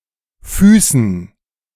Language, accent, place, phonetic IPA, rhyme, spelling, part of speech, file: German, Germany, Berlin, [ˈfyːsn̩], -yːsn̩, Füßen, noun, De-Füßen.ogg
- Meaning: dative plural of Fuß